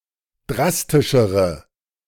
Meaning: inflection of drastisch: 1. strong/mixed nominative/accusative feminine singular comparative degree 2. strong nominative/accusative plural comparative degree
- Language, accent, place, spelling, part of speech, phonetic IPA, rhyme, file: German, Germany, Berlin, drastischere, adjective, [ˈdʁastɪʃəʁə], -astɪʃəʁə, De-drastischere.ogg